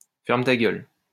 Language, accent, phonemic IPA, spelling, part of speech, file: French, France, /fɛʁ.m(ə) ta ɡœl/, ferme ta gueule, verb, LL-Q150 (fra)-ferme ta gueule.wav
- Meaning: first-person singular imperative of fermer sa gueule (“shut up; shut the fuck up; shut your mouth!”)